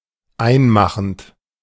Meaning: present participle of einmachen
- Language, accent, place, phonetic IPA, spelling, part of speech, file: German, Germany, Berlin, [ˈaɪ̯nˌmaxn̩t], einmachend, verb, De-einmachend.ogg